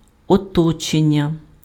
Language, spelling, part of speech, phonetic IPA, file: Ukrainian, оточення, noun, [ɔˈtɔt͡ʃenʲːɐ], Uk-оточення.ogg
- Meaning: 1. verbal noun of оточи́ти (otočýty): encircling, enclosing 2. encirclement 3. environment, surroundings, environs, milieu